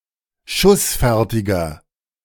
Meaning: inflection of schussfertig: 1. strong/mixed nominative masculine singular 2. strong genitive/dative feminine singular 3. strong genitive plural
- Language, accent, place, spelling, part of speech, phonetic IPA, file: German, Germany, Berlin, schussfertiger, adjective, [ˈʃʊsˌfɛʁtɪɡɐ], De-schussfertiger.ogg